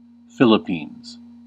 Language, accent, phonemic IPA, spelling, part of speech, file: English, US, /ˈfɪl.ə.piːnz/, Philippines, proper noun, En-us-Philippines.ogg
- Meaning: 1. An archipelago of Southeast Asia 2. A country in Southeast Asia. Official name: Republic of the Philippines. Capital: Manila